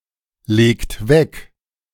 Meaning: inflection of weglegen: 1. second-person plural present 2. third-person singular present 3. plural imperative
- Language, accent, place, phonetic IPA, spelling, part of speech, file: German, Germany, Berlin, [ˌleːkt ˈvɛk], legt weg, verb, De-legt weg.ogg